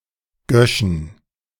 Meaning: plural of Gösch
- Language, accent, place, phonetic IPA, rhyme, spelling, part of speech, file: German, Germany, Berlin, [ˈɡœʃn̩], -œʃn̩, Göschen, noun, De-Göschen.ogg